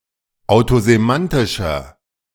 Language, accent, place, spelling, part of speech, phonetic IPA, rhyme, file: German, Germany, Berlin, autosemantischer, adjective, [aʊ̯tozeˈmantɪʃɐ], -antɪʃɐ, De-autosemantischer.ogg
- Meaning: inflection of autosemantisch: 1. strong/mixed nominative masculine singular 2. strong genitive/dative feminine singular 3. strong genitive plural